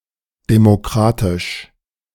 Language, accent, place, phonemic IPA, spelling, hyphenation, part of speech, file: German, Germany, Berlin, /demoˈkʁaːtɪʃ/, demokratisch, de‧mo‧kra‧tisch, adjective, De-demokratisch.ogg
- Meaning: democratic